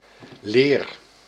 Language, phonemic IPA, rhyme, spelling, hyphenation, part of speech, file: Dutch, /leːr/, -eːr, leer, leer, noun / verb, Nl-leer.ogg
- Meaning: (noun) 1. leather 2. doctrine 3. theory, teachings 4. a field of learning; set of lessons and theory on a subject within a discipline 5. alternative form of ladder